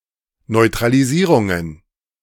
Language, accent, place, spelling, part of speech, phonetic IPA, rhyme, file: German, Germany, Berlin, Neutralisierungen, noun, [nɔɪ̯tʁaliˈziːʁʊŋən], -iːʁʊŋən, De-Neutralisierungen.ogg
- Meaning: plural of Neutralisierung